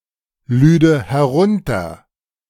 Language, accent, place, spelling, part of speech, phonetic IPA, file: German, Germany, Berlin, lüde herunter, verb, [ˌlyːdə hɛˈʁʊntɐ], De-lüde herunter.ogg
- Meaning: first/third-person singular subjunctive II of herunterladen